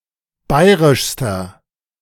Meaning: inflection of bayrisch: 1. strong/mixed nominative masculine singular superlative degree 2. strong genitive/dative feminine singular superlative degree 3. strong genitive plural superlative degree
- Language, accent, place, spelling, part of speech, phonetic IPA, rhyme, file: German, Germany, Berlin, bayrischster, adjective, [ˈbaɪ̯ʁɪʃstɐ], -aɪ̯ʁɪʃstɐ, De-bayrischster.ogg